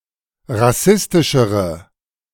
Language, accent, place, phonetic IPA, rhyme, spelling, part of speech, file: German, Germany, Berlin, [ʁaˈsɪstɪʃəʁə], -ɪstɪʃəʁə, rassistischere, adjective, De-rassistischere.ogg
- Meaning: inflection of rassistisch: 1. strong/mixed nominative/accusative feminine singular comparative degree 2. strong nominative/accusative plural comparative degree